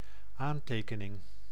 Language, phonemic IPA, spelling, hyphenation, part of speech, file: Dutch, /ˈaːnˌteː.kə.nɪŋ/, aantekening, aan‧te‧ke‧ning, noun, Nl-aantekening.ogg
- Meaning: note